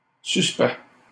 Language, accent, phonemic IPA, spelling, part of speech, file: French, Canada, /sys.pɛ/, suspect, adjective / noun, LL-Q150 (fra)-suspect.wav
- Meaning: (adjective) suspicious; suspect; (noun) a suspect